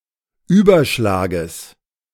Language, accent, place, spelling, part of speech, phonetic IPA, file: German, Germany, Berlin, Überschlages, noun, [ˈyːbɐˌʃlaːɡəs], De-Überschlages.ogg
- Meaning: genitive singular of Überschlag